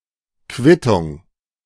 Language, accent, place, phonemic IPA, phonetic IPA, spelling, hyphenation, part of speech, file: German, Germany, Berlin, /ˈkvɪtʊŋ/, [ˈkʰvɪtʰʊŋ], Quittung, Quit‧tung, noun, De-Quittung.ogg
- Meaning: 1. a receipt, an undersigned document issued to someone to enable him with evidence that his party has performed upon an obligation 2. comeuppance